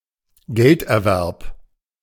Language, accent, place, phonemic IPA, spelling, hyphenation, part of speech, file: German, Germany, Berlin, /ˈɡɛltʔɛɐ̯ˌvɛʁp/, Gelderwerb, Geld‧er‧werb, noun, De-Gelderwerb.ogg
- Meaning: earnings, pay, wages